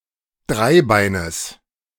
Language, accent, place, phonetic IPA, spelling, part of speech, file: German, Germany, Berlin, [ˈdʁaɪ̯ˌbaɪ̯nəs], Dreibeines, noun, De-Dreibeines.ogg
- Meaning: genitive of Dreibein